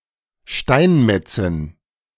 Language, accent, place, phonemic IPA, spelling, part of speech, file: German, Germany, Berlin, /ˈʃtaɪnˌmɛtsɪn/, Steinmetzin, noun, De-Steinmetzin.ogg
- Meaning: female equivalent of Steinmetz (“stonemason”)